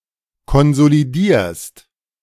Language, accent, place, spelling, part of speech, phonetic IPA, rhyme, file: German, Germany, Berlin, konsolidierst, verb, [kɔnzoliˈdiːɐ̯st], -iːɐ̯st, De-konsolidierst.ogg
- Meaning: second-person singular present of konsolidieren